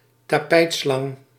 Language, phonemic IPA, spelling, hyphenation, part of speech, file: Dutch, /taːˈpɛi̯tˌslɑŋ/, tapijtslang, ta‧pijt‧slang, noun, Nl-tapijtslang.ogg
- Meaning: boa constrictor, Boa constrictor (or the subspecies Boa constrictor constrictor)